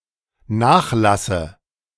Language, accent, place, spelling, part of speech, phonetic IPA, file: German, Germany, Berlin, nachlasse, verb, [ˈnaːxˌlasə], De-nachlasse.ogg
- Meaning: inflection of nachlassen: 1. first-person singular dependent present 2. first/third-person singular dependent subjunctive I